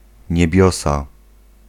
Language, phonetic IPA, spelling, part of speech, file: Polish, [ɲɛbʲjˈɔsa], niebiosa, noun, Pl-niebiosa.ogg